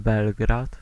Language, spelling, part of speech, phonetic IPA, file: Polish, Belgrad, proper noun, [ˈbɛlɡrat], Pl-Belgrad.ogg